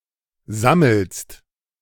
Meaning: second-person singular present of sammeln
- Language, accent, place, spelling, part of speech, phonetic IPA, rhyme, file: German, Germany, Berlin, sammelst, verb, [ˈzaml̩st], -aml̩st, De-sammelst.ogg